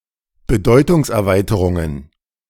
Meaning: plural of Bedeutungserweiterung
- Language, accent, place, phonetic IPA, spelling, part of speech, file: German, Germany, Berlin, [bəˈdɔɪ̯tʊŋsʔɛɐ̯ˌvaɪ̯təʁʊŋən], Bedeutungserweiterungen, noun, De-Bedeutungserweiterungen.ogg